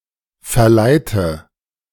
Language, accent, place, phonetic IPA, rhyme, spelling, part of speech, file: German, Germany, Berlin, [fɛɐ̯ˈlaɪ̯tə], -aɪ̯tə, verleite, verb, De-verleite.ogg
- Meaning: inflection of verleiten: 1. first-person singular present 2. first/third-person singular subjunctive I 3. singular imperative